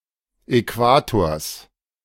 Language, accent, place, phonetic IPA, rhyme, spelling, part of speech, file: German, Germany, Berlin, [ɛˈkvaːtoːɐ̯s], -aːtoːɐ̯s, Äquators, noun, De-Äquators.ogg
- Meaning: genitive singular of Äquator